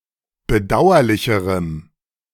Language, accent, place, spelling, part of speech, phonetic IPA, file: German, Germany, Berlin, bedauerlicherem, adjective, [bəˈdaʊ̯ɐlɪçəʁəm], De-bedauerlicherem.ogg
- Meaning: strong dative masculine/neuter singular comparative degree of bedauerlich